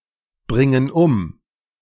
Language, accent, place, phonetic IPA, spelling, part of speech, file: German, Germany, Berlin, [ˌbʁɪŋən ˈʊm], bringen um, verb, De-bringen um.ogg
- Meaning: inflection of umbringen: 1. first/third-person plural present 2. first/third-person plural subjunctive I